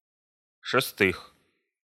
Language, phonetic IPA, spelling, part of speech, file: Russian, [ʂɨˈstɨx], шестых, noun, Ru-шестых.ogg
- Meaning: genitive/prepositional plural of шеста́я (šestája)